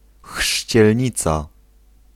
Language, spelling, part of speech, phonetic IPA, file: Polish, chrzcielnica, noun, [xʃʲt͡ɕɛlʲˈɲit͡sa], Pl-chrzcielnica.ogg